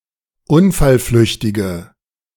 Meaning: inflection of unfallflüchtig: 1. strong/mixed nominative/accusative feminine singular 2. strong nominative/accusative plural 3. weak nominative all-gender singular
- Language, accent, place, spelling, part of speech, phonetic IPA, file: German, Germany, Berlin, unfallflüchtige, adjective, [ˈʊnfalˌflʏçtɪɡə], De-unfallflüchtige.ogg